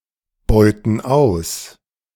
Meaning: inflection of ausbeuten: 1. first/third-person plural present 2. first/third-person plural subjunctive I
- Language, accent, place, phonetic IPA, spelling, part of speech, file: German, Germany, Berlin, [ˌbɔɪ̯tn̩ ˈaʊ̯s], beuten aus, verb, De-beuten aus.ogg